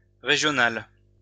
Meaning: feminine plural of régional
- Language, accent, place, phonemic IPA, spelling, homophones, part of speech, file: French, France, Lyon, /ʁe.ʒjɔ.nal/, régionales, régional / régionale, adjective, LL-Q150 (fra)-régionales.wav